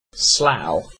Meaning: 1. A town in east Berkshire, England (formerly Buckinghamshire), close to Heathrow Airport 2. A unitary authority and borough of Berkshire, the Slough Borough Council
- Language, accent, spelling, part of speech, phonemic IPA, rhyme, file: English, UK, Slough, proper noun, /slaʊ/, -aʊ, En-uk-Slough.ogg